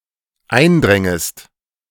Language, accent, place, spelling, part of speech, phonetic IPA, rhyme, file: German, Germany, Berlin, eindrängest, verb, [ˈaɪ̯nˌdʁɛŋəst], -aɪ̯ndʁɛŋəst, De-eindrängest.ogg
- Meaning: second-person singular dependent subjunctive II of eindringen